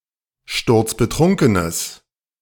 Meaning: strong/mixed nominative/accusative neuter singular of sturzbetrunken
- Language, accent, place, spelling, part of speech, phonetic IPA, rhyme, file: German, Germany, Berlin, sturzbetrunkenes, adjective, [ˈʃtʊʁt͡sbəˈtʁʊŋkənəs], -ʊŋkənəs, De-sturzbetrunkenes.ogg